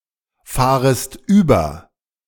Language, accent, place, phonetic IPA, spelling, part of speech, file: German, Germany, Berlin, [ˌfaːʁəst ˈyːbɐ], fahrest über, verb, De-fahrest über.ogg
- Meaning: second-person singular subjunctive I of überfahren